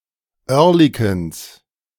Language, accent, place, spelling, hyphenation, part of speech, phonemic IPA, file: German, Germany, Berlin, Oerlikons, Oer‧li‧kons, noun, /ˈœʁlɪkoːns/, De-Oerlikons.ogg
- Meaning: genitive singular of Oerlikon